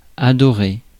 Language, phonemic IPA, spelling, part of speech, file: French, /a.dɔ.ʁe/, adorée, verb, Fr-adorée.ogg
- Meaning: feminine singular of adoré